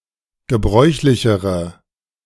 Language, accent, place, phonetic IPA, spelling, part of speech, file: German, Germany, Berlin, [ɡəˈbʁɔɪ̯çlɪçəʁə], gebräuchlichere, adjective, De-gebräuchlichere.ogg
- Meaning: inflection of gebräuchlich: 1. strong/mixed nominative/accusative feminine singular comparative degree 2. strong nominative/accusative plural comparative degree